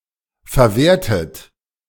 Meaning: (verb) past participle of verwerten; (adjective) 1. utilized 2. recycled
- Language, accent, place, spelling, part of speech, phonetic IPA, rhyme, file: German, Germany, Berlin, verwertet, verb, [fɛɐ̯ˈveːɐ̯tət], -eːɐ̯tət, De-verwertet.ogg